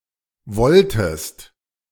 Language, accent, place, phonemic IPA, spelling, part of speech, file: German, Germany, Berlin, /ˈvɔltəst/, wolltest, verb, De-wolltest.ogg
- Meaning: inflection of wollen: 1. second-person singular preterite 2. second-person singular subjunctive II